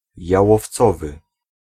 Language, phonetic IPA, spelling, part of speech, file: Polish, [ˌjawɔfˈt͡sɔvɨ], jałowcowy, adjective, Pl-jałowcowy.ogg